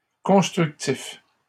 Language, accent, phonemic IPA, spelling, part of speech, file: French, Canada, /kɔ̃s.tʁyk.tif/, constructif, adjective, LL-Q150 (fra)-constructif.wav
- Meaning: constructive (causing construction; carefully considered and meant to be helpful)